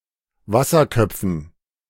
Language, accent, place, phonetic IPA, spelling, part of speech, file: German, Germany, Berlin, [ˈvasɐˌkœp͡fn̩], Wasserköpfen, noun, De-Wasserköpfen.ogg
- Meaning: dative plural of Wasserkopf